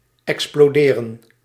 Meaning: to explode
- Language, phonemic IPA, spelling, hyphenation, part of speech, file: Dutch, /ˌɛk.sploːˈdeː.rə(n)/, exploderen, ex‧plo‧de‧ren, verb, Nl-exploderen.ogg